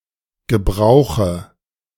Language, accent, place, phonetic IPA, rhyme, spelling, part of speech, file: German, Germany, Berlin, [ɡəˈbʁaʊ̯xə], -aʊ̯xə, Gebrauche, noun, De-Gebrauche.ogg
- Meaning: dative singular of Gebrauch